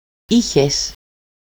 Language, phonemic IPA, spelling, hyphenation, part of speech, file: Greek, /ˈi.çes/, είχες, εί‧χες, verb, El-είχες.ogg
- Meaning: second-person singular imperfect of έχω (écho): "you had"